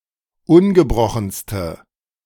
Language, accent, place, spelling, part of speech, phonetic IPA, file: German, Germany, Berlin, ungebrochenste, adjective, [ˈʊnɡəˌbʁɔxn̩stə], De-ungebrochenste.ogg
- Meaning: inflection of ungebrochen: 1. strong/mixed nominative/accusative feminine singular superlative degree 2. strong nominative/accusative plural superlative degree